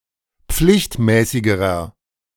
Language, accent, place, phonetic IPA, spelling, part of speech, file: German, Germany, Berlin, [ˈp͡flɪçtˌmɛːsɪɡəʁɐ], pflichtmäßigerer, adjective, De-pflichtmäßigerer.ogg
- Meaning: inflection of pflichtmäßig: 1. strong/mixed nominative masculine singular comparative degree 2. strong genitive/dative feminine singular comparative degree 3. strong genitive plural comparative degree